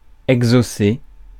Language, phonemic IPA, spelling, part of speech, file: French, /ɛɡ.zo.se/, exaucer, verb, Fr-exaucer.ogg
- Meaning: to fulfil the wish of a prayer